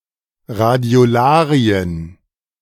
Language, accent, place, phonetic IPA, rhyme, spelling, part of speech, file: German, Germany, Berlin, [ʁadi̯oˈlaːʁiən], -aːʁiən, Radiolarien, noun, De-Radiolarien.ogg
- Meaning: plural of Radiolarie